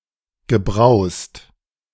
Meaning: past participle of browsen
- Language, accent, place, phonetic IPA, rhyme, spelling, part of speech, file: German, Germany, Berlin, [ɡəˈbʁaʊ̯st], -aʊ̯st, gebrowst, verb, De-gebrowst.ogg